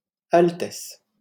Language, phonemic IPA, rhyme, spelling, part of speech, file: French, /al.tɛs/, -ɛs, altesse, noun, LL-Q150 (fra)-altesse.wav
- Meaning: highness, Highness (title of respect)